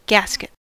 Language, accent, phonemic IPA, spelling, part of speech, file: English, US, /ˈɡæs.kɪt/, gasket, noun / verb, En-us-gasket.ogg
- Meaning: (noun) A length of rope or canvas band used for reefing a sail, or holding a stowed sail in place